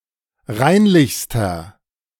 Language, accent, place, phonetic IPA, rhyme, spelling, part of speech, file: German, Germany, Berlin, [ˈʁaɪ̯nlɪçstɐ], -aɪ̯nlɪçstɐ, reinlichster, adjective, De-reinlichster.ogg
- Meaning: inflection of reinlich: 1. strong/mixed nominative masculine singular superlative degree 2. strong genitive/dative feminine singular superlative degree 3. strong genitive plural superlative degree